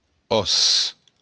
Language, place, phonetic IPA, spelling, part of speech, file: Occitan, Béarn, [ˈɔs], òs, noun, LL-Q14185 (oci)-òs.wav
- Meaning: bone